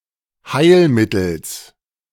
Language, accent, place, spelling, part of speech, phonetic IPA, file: German, Germany, Berlin, Heilmittels, noun, [ˈhaɪ̯lˌmɪtl̩s], De-Heilmittels.ogg
- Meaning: genitive of Heilmittel